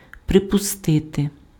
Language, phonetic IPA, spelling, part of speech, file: Ukrainian, [prepʊˈstɪte], припустити, verb, Uk-припустити.ogg
- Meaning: 1. to assume, to presume, to suppose, to presuppose 2. to surmise, to conjecture, to guess